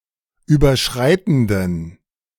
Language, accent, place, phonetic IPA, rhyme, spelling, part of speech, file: German, Germany, Berlin, [ˌyːbɐˈʃʁaɪ̯tn̩dən], -aɪ̯tn̩dən, überschreitenden, adjective, De-überschreitenden.ogg
- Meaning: inflection of überschreitend: 1. strong genitive masculine/neuter singular 2. weak/mixed genitive/dative all-gender singular 3. strong/weak/mixed accusative masculine singular 4. strong dative plural